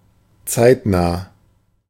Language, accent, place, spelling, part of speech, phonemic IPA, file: German, Germany, Berlin, zeitnah, adjective, /ˈtsaɪ̯tˌnaː/, De-zeitnah.ogg
- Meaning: 1. soon, timely 2. current, contemporary, zeitgeisty